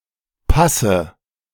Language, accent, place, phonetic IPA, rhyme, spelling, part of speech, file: German, Germany, Berlin, [ˈpasə], -asə, passe, verb, De-passe.ogg
- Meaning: inflection of passen: 1. first-person singular present 2. first/third-person singular subjunctive I 3. singular imperative